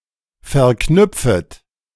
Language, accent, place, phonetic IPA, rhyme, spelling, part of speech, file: German, Germany, Berlin, [fɛɐ̯ˈknʏp͡fət], -ʏp͡fət, verknüpfet, verb, De-verknüpfet.ogg
- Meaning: second-person plural subjunctive I of verknüpfen